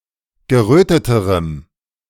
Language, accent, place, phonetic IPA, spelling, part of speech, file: German, Germany, Berlin, [ɡəˈʁøːtətəʁəm], geröteterem, adjective, De-geröteterem.ogg
- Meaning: strong dative masculine/neuter singular comparative degree of gerötet